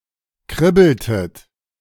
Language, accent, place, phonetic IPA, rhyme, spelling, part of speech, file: German, Germany, Berlin, [ˈkʁɪbl̩tət], -ɪbl̩tət, kribbeltet, verb, De-kribbeltet.ogg
- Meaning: inflection of kribbeln: 1. second-person plural preterite 2. second-person plural subjunctive II